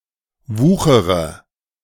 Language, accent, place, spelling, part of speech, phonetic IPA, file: German, Germany, Berlin, wuchere, verb, [ˈvuːxəʁə], De-wuchere.ogg
- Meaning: inflection of wuchern: 1. first-person singular present 2. first-person plural subjunctive I 3. third-person singular subjunctive I 4. singular imperative